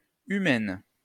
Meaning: feminine singular of humain
- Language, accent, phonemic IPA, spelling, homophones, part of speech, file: French, France, /y.mɛn/, humaine, humaines, adjective, LL-Q150 (fra)-humaine.wav